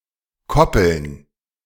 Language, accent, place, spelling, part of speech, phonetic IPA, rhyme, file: German, Germany, Berlin, Koppeln, noun, [ˈkɔpl̩n], -ɔpl̩n, De-Koppeln.ogg
- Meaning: plural of Koppel